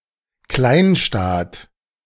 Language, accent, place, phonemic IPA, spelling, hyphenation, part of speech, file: German, Germany, Berlin, /ˈklaɪ̯nˌʃtaːt/, Kleinstaat, Klein‧staat, noun, De-Kleinstaat.ogg
- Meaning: microstate